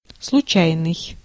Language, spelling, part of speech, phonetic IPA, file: Russian, случайный, adjective, [sɫʊˈt͡ɕæjnɨj], Ru-случайный.ogg
- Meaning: 1. accidental, casual, fortuitous, chance 2. random, unpredictable